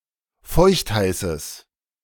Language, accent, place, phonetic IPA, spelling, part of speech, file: German, Germany, Berlin, [ˈfɔɪ̯çtˌhaɪ̯səs], feuchtheißes, adjective, De-feuchtheißes.ogg
- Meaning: strong/mixed nominative/accusative neuter singular of feuchtheiß